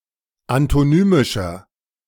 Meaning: inflection of antonymisch: 1. strong/mixed nominative masculine singular 2. strong genitive/dative feminine singular 3. strong genitive plural
- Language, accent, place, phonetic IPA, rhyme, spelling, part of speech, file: German, Germany, Berlin, [antoˈnyːmɪʃɐ], -yːmɪʃɐ, antonymischer, adjective, De-antonymischer.ogg